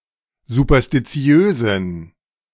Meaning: inflection of superstitiös: 1. strong genitive masculine/neuter singular 2. weak/mixed genitive/dative all-gender singular 3. strong/weak/mixed accusative masculine singular 4. strong dative plural
- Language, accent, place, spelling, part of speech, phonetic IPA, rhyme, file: German, Germany, Berlin, superstitiösen, adjective, [zupɐstiˈt͡si̯øːzn̩], -øːzn̩, De-superstitiösen.ogg